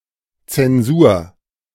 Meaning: 1. censorship 2. mark, grade
- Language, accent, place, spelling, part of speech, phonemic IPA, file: German, Germany, Berlin, Zensur, noun, /t͡sɛnˈzuːɐ̯/, De-Zensur.ogg